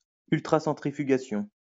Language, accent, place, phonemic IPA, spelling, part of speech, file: French, France, Lyon, /yl.tʁa.sɑ̃.tʁi.fy.ɡa.sjɔ̃/, ultracentrifugation, noun, LL-Q150 (fra)-ultracentrifugation.wav
- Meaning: ultracentrifugation